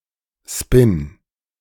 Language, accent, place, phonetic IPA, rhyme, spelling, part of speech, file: German, Germany, Berlin, [spɪn], -ɪn, Spin, noun, De-Spin.ogg
- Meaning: spin